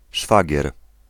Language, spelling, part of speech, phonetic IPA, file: Polish, szwagier, noun, [ˈʃfaɟɛr], Pl-szwagier.ogg